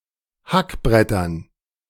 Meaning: dative plural of Hackbrett
- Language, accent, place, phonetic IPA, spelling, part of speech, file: German, Germany, Berlin, [ˈhakˌbʁɛtɐn], Hackbrettern, noun, De-Hackbrettern.ogg